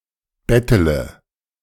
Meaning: inflection of betteln: 1. first-person singular present 2. singular imperative 3. first/third-person singular subjunctive I
- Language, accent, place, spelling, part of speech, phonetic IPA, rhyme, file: German, Germany, Berlin, bettele, verb, [ˈbɛtələ], -ɛtələ, De-bettele.ogg